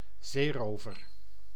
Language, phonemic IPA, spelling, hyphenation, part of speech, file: Dutch, /ˈzeːˌroː.vər/, zeerover, zee‧ro‧ver, noun, Nl-zeerover.ogg
- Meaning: a pirate, a robber who plunders at sea